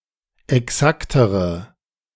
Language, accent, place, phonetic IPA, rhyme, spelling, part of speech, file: German, Germany, Berlin, [ɛˈksaktəʁə], -aktəʁə, exaktere, adjective, De-exaktere.ogg
- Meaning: inflection of exakt: 1. strong/mixed nominative/accusative feminine singular comparative degree 2. strong nominative/accusative plural comparative degree